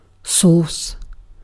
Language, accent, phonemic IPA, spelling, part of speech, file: English, UK, /sɔːs/, source, noun / verb, En-uk-source.ogg
- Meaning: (noun) The person, place, or thing from which something (information, goods, etc.) comes or is acquired